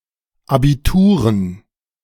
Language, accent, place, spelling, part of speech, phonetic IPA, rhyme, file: German, Germany, Berlin, Abituren, noun, [ˌabiˈtuːʁən], -uːʁən, De-Abituren.ogg
- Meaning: dative plural of Abitur